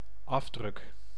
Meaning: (noun) 1. print (something printed with a printer or printing press) 2. impression, print (relief or other result from applying pressure)
- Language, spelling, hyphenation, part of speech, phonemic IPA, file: Dutch, afdruk, af‧druk, noun / verb, /ˈɑvdrʏk/, Nl-afdruk.ogg